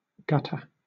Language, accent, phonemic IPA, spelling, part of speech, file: English, Southern England, /ˈɡʌt.ə/, gutter, noun / verb / adjective, LL-Q1860 (eng)-gutter.wav
- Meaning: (noun) 1. A prepared channel in a surface, especially at the side of a road adjacent to a curb, intended for the drainage of water 2. A ditch along the side of a road